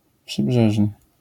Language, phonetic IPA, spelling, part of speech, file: Polish, [pʃɨˈbʒɛʒnɨ], przybrzeżny, adjective, LL-Q809 (pol)-przybrzeżny.wav